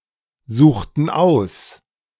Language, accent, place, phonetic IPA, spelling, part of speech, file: German, Germany, Berlin, [ˌzuːxtn̩ ˈaʊ̯s], suchten aus, verb, De-suchten aus.ogg
- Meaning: inflection of aussuchen: 1. first/third-person plural preterite 2. first/third-person plural subjunctive II